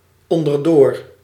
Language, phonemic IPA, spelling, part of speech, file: Dutch, /ˌɔndərˈdor/, onderdoor, adverb, Nl-onderdoor.ogg
- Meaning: 1. passing through below, going underneath 2. passing through below